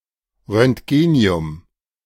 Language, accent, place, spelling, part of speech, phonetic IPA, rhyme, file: German, Germany, Berlin, Roentgenium, noun, [ʁœntˈɡeːni̯ʊm], -eːni̯ʊm, De-Roentgenium.ogg
- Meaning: alternative form of Röntgenium (“roentgenium”)